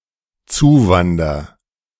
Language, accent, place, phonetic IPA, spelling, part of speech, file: German, Germany, Berlin, [ˈt͡suːˌvandɐ], zuwander, verb, De-zuwander.ogg
- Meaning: first-person singular dependent present of zuwandern